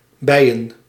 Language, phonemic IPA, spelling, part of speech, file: Dutch, /bɛi̯ən/, bijen, noun, Nl-bijen.ogg
- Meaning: plural of bij